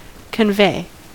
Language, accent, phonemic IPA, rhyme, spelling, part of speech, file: English, US, /kənˈveɪ/, -eɪ, convey, verb, En-us-convey.ogg
- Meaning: 1. To move (something) from one place to another 2. To take or carry (someone) from one place to another 3. To communicate; to make known; to portray 4. To transfer legal rights (to)